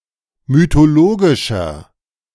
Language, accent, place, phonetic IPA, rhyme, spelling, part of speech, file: German, Germany, Berlin, [mytoˈloːɡɪʃɐ], -oːɡɪʃɐ, mythologischer, adjective, De-mythologischer.ogg
- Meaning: inflection of mythologisch: 1. strong/mixed nominative masculine singular 2. strong genitive/dative feminine singular 3. strong genitive plural